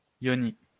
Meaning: yoni
- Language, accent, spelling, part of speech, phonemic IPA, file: French, France, yoni, noun, /jɔ.ni/, LL-Q150 (fra)-yoni.wav